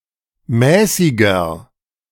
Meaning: inflection of mäßig: 1. strong/mixed nominative masculine singular 2. strong genitive/dative feminine singular 3. strong genitive plural
- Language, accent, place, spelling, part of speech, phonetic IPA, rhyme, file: German, Germany, Berlin, mäßiger, adjective, [ˈmɛːsɪɡɐ], -ɛːsɪɡɐ, De-mäßiger.ogg